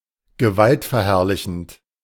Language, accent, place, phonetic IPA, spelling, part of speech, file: German, Germany, Berlin, [ɡəˈvaltfɛɐ̯ˌhɛʁlɪçn̩t], gewaltverherrlichend, adjective, De-gewaltverherrlichend.ogg
- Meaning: glorifying violence, advocating violence